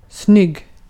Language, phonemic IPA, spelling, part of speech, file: Swedish, /snʏɡː/, snygg, adjective, Sv-snygg.ogg
- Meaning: 1. good-looking; handsome (of a person – equally idiomatic for men and women) 2. nice-looking 3. proper (and clean)